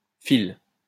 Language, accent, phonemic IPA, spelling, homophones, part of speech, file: French, France, /fil/, -phile, fil / file / filent / files / fils / Phil / -philes / phylle / phylles, suffix, LL-Q150 (fra)--phile.wav
- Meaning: 1. -philic 2. -phile